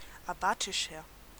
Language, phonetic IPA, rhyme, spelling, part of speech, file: German, [aˈbaːtɪʃɐ], -aːtɪʃɐ, abatischer, adjective, De-abatischer.ogg
- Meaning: 1. comparative degree of abatisch 2. inflection of abatisch: strong/mixed nominative masculine singular 3. inflection of abatisch: strong genitive/dative feminine singular